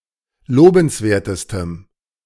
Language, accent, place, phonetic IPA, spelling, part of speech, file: German, Germany, Berlin, [ˈloːbn̩sˌveːɐ̯təstəm], lobenswertestem, adjective, De-lobenswertestem.ogg
- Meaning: strong dative masculine/neuter singular superlative degree of lobenswert